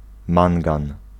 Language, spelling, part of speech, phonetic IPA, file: Polish, mangan, noun, [ˈmãŋɡãn], Pl-mangan.ogg